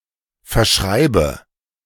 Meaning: inflection of verschreiben: 1. first-person singular present 2. first/third-person singular subjunctive I 3. singular imperative
- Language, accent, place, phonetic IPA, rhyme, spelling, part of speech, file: German, Germany, Berlin, [fɛɐ̯ˈʃʁaɪ̯bə], -aɪ̯bə, verschreibe, verb, De-verschreibe.ogg